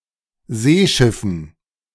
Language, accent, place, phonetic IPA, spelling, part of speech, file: German, Germany, Berlin, [ˈzeːˌʃɪfn̩], Seeschiffen, noun, De-Seeschiffen.ogg
- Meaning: dative plural of Seeschiff